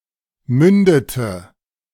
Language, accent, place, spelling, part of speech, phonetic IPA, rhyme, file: German, Germany, Berlin, mündete, verb, [ˈmʏndətə], -ʏndətə, De-mündete.ogg
- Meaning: inflection of münden: 1. first/third-person singular preterite 2. first/third-person singular subjunctive II